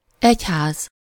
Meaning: church (organized religion in general or a specific religion considered as a political institution)
- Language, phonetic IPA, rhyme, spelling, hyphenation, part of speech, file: Hungarian, [ˈɛchaːz], -aːz, egyház, egy‧ház, noun, Hu-egyház.ogg